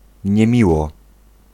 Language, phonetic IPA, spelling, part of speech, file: Polish, [ɲɛ̃ˈmʲiwɔ], niemiło, adverb, Pl-niemiło.ogg